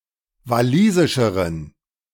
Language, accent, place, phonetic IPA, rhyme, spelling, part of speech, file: German, Germany, Berlin, [vaˈliːzɪʃəʁən], -iːzɪʃəʁən, walisischeren, adjective, De-walisischeren.ogg
- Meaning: inflection of walisisch: 1. strong genitive masculine/neuter singular comparative degree 2. weak/mixed genitive/dative all-gender singular comparative degree